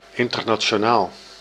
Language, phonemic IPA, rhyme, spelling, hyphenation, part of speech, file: Dutch, /ˌɪn.tər.naː.(t)ʃoːˈnaːl/, -aːl, internationaal, in‧ter‧na‧ti‧o‧naal, adjective / noun, Nl-internationaal.ogg
- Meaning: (adjective) international, between, concerning, or transcending multiple nations; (noun) an international actor, e.g. player in a national sports team